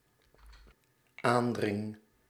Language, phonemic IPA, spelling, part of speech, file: Dutch, /ˈandrɪŋ/, aandring, verb, Nl-aandring.ogg
- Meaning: first-person singular dependent-clause present indicative of aandringen